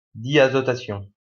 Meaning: diazotization
- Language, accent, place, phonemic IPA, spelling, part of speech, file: French, France, Lyon, /di.a.zɔ.ta.sjɔ̃/, diazotation, noun, LL-Q150 (fra)-diazotation.wav